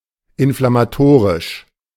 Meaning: inflammatory
- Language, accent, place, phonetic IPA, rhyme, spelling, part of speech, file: German, Germany, Berlin, [ɪnflamaˈtoːʁɪʃ], -oːʁɪʃ, inflammatorisch, adjective, De-inflammatorisch.ogg